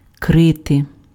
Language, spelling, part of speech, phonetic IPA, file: Ukrainian, крити, verb, [ˈkrɪte], Uk-крити.ogg
- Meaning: to hide